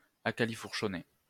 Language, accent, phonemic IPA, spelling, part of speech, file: French, France, /a.ka.li.fuʁ.ʃɔ.ne/, acalifourchonné, adjective, LL-Q150 (fra)-acalifourchonné.wav
- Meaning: straddled